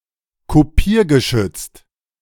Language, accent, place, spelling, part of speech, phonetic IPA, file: German, Germany, Berlin, kopiergeschützt, adjective, [koˈpiːɐ̯ɡəˌʃʏt͡st], De-kopiergeschützt.ogg
- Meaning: copy-protected